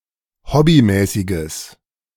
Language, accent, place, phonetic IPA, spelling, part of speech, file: German, Germany, Berlin, [ˈhɔbiˌmɛːsɪɡəs], hobbymäßiges, adjective, De-hobbymäßiges.ogg
- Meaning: strong/mixed nominative/accusative neuter singular of hobbymäßig